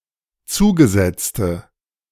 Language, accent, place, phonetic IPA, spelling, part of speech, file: German, Germany, Berlin, [ˈt͡suːɡəˌzɛt͡stə], zugesetzte, adjective, De-zugesetzte.ogg
- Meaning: inflection of zugesetzt: 1. strong/mixed nominative/accusative feminine singular 2. strong nominative/accusative plural 3. weak nominative all-gender singular